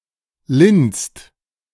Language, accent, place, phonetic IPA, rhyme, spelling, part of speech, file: German, Germany, Berlin, [lɪnst], -ɪnst, linst, verb, De-linst.ogg
- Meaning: inflection of linsen: 1. second-person singular/plural present 2. third-person singular present 3. plural imperative